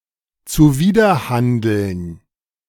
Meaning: to contravene (to act contrary to an order; to fail to conform to a regulation or obligation)
- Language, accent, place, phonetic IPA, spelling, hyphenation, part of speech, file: German, Germany, Berlin, [t͡suˈviːdɐˌhandl̩n], zuwiderhandeln, zu‧wi‧der‧han‧deln, verb, De-zuwiderhandeln.ogg